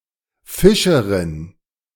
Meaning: fisherwoman, fisher (female)
- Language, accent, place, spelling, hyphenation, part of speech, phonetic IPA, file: German, Germany, Berlin, Fischerin, Fi‧sche‧rin, noun, [ˈfɪʃəʁɪn], De-Fischerin.ogg